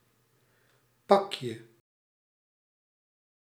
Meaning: 1. diminutive of pak 2. present, gift
- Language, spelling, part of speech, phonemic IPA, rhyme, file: Dutch, pakje, noun, /ˈpɑk.jə/, -ɑkjə, Nl-pakje.ogg